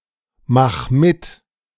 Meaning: 1. singular imperative of mitmachen 2. first-person singular present of mitmachen
- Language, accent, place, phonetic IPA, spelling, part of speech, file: German, Germany, Berlin, [ˌmax ˈmɪt], mach mit, verb, De-mach mit.ogg